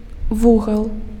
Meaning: angle; corner
- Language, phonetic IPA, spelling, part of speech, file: Belarusian, [ˈvuɣaɫ], вугал, noun, Be-вугал.ogg